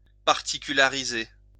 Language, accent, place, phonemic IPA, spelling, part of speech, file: French, France, Lyon, /paʁ.ti.ky.la.ʁi.ze/, particulariser, verb, LL-Q150 (fra)-particulariser.wav
- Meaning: to particularise